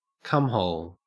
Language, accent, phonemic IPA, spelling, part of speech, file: English, Australia, /ˈkʌmhoʊl/, cumhole, noun, En-au-cumhole.ogg
- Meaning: 1. An orifice where semen is deposited, especially the anus of a homosexual man 2. A person in whom semen is deposited, especially a homosexual man 3. The male urethra